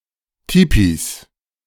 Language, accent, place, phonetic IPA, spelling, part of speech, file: German, Germany, Berlin, [ˈtiːpis], Tipis, noun, De-Tipis.ogg
- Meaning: 1. genitive singular of Tipi 2. plural of Tipi